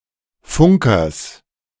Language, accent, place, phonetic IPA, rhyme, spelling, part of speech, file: German, Germany, Berlin, [ˈfʊŋkɐs], -ʊŋkɐs, Funkers, noun, De-Funkers.ogg
- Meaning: genitive singular of Funker